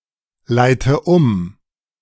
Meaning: inflection of umleiten: 1. first-person singular present 2. first/third-person singular subjunctive I 3. singular imperative
- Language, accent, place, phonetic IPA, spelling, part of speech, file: German, Germany, Berlin, [ˌlaɪ̯tə ˈʊm], leite um, verb, De-leite um.ogg